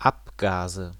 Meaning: nominative/accusative/genitive plural of Abgas
- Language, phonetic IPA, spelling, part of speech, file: German, [ˈapˌɡaːzə], Abgase, noun, De-Abgase.ogg